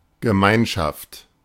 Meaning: community, collective, syndicate, consortium
- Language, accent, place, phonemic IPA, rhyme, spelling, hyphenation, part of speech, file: German, Germany, Berlin, /ɡəˈmaɪ̯nʃaft/, -aɪ̯nʃaft, Gemeinschaft, Ge‧mein‧schaft, noun, De-Gemeinschaft.ogg